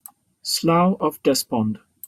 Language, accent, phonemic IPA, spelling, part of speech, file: English, Received Pronunciation, /ˈslaʊ əv ˈdɛspɒnd/, slough of despond, noun, En-uk-slough of despond.opus
- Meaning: 1. A dreary bog or marsh 2. A state of disheartening hopelessness; pit of despair